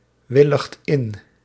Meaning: inflection of inwilligen: 1. second/third-person singular present indicative 2. plural imperative
- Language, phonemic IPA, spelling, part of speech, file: Dutch, /ˈwɪləxt ˈɪn/, willigt in, verb, Nl-willigt in.ogg